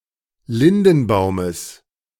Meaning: genitive singular of Lindenbaum
- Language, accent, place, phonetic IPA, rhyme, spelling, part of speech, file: German, Germany, Berlin, [ˈlɪndn̩ˌbaʊ̯məs], -ɪndn̩baʊ̯məs, Lindenbaumes, noun, De-Lindenbaumes.ogg